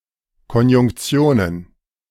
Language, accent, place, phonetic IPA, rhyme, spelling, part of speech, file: German, Germany, Berlin, [kɔnjʊŋkˈt͡si̯oːnən], -oːnən, Konjunktionen, noun, De-Konjunktionen.ogg
- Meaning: plural of Konjunktion